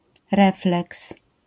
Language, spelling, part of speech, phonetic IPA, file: Polish, refleks, noun, [ˈrɛflɛks], LL-Q809 (pol)-refleks.wav